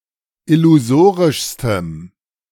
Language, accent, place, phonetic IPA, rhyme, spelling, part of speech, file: German, Germany, Berlin, [ɪluˈzoːʁɪʃstəm], -oːʁɪʃstəm, illusorischstem, adjective, De-illusorischstem.ogg
- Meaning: strong dative masculine/neuter singular superlative degree of illusorisch